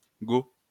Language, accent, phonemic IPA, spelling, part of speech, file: French, France, /ɡo/, Go, symbol, LL-Q150 (fra)-Go.wav
- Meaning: abbreviation of gigaoctet; GB (gigabyte)